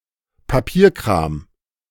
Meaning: paperwork, red tape, admin
- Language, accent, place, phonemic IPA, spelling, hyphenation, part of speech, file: German, Germany, Berlin, /paˈpiːɐ̯kʁaːm/, Papierkram, Pa‧pier‧kram, noun, De-Papierkram.ogg